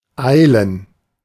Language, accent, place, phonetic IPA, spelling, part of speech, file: German, Germany, Berlin, [ˈaɪ̯lən], eilen, verb, De-eilen.ogg
- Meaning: 1. to hurry, to rush (on foot, in a determined and purposeful manner) 2. to hurry, to hasten, to rush 3. to be urgent